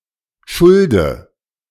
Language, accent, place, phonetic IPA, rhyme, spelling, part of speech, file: German, Germany, Berlin, [ˈʃʊldə], -ʊldə, schulde, verb, De-schulde.ogg
- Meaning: inflection of schulden: 1. first-person singular present 2. first/third-person singular subjunctive I 3. singular imperative